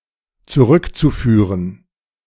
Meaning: zu-infinitive of zurückführen
- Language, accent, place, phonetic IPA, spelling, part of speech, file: German, Germany, Berlin, [t͡suˈʁʏkt͡suˌfyːʁən], zurückzuführen, verb, De-zurückzuführen.ogg